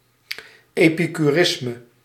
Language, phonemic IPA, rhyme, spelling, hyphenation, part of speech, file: Dutch, /ˌeː.pi.kyˈrɪs.mə/, -ɪsmə, epicurisme, epi‧cu‧ris‧me, noun, Nl-epicurisme.ogg
- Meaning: Epicureanism